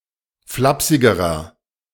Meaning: inflection of flapsig: 1. strong/mixed nominative masculine singular comparative degree 2. strong genitive/dative feminine singular comparative degree 3. strong genitive plural comparative degree
- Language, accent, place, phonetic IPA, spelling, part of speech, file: German, Germany, Berlin, [ˈflapsɪɡəʁɐ], flapsigerer, adjective, De-flapsigerer.ogg